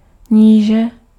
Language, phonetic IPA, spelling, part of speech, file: Czech, [ˈɲiːʒɛ], níže, noun / adverb, Cs-níže.ogg
- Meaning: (noun) low; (adverb) comparative degree of nízko